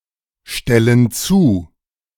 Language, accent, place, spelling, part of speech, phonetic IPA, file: German, Germany, Berlin, stellen zu, verb, [ˌʃtɛlən ˈt͡suː], De-stellen zu.ogg
- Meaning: inflection of zustellen: 1. first/third-person plural present 2. first/third-person plural subjunctive I